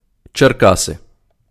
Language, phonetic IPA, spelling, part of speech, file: Ukrainian, [t͡ʃerˈkase], Черкаси, proper noun, Uk-Черкаси.ogg
- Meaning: Cherkasy (a city in Ukraine)